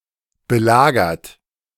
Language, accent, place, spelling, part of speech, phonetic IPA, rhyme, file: German, Germany, Berlin, belagert, verb, [bəˈlaːɡɐt], -aːɡɐt, De-belagert.ogg
- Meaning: 1. past participle of belagern 2. inflection of belagern: third-person singular present 3. inflection of belagern: second-person plural present 4. inflection of belagern: plural imperative